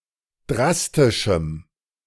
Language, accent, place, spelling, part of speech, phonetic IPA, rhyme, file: German, Germany, Berlin, drastischem, adjective, [ˈdʁastɪʃm̩], -astɪʃm̩, De-drastischem.ogg
- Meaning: strong dative masculine/neuter singular of drastisch